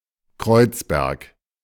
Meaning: 1. a district of Friedrichshain-Kreuzberg borough, Berlin, Germany 2. any of several towns in Germany and elsewhere
- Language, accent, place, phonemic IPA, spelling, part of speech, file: German, Germany, Berlin, /ˈkʁɔɪ̯t͡sˌbɛʁk/, Kreuzberg, proper noun, De-Kreuzberg.ogg